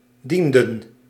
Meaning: inflection of dienen: 1. plural past indicative 2. plural past subjunctive
- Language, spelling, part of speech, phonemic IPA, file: Dutch, dienden, verb, /ˈdindǝ(n)/, Nl-dienden.ogg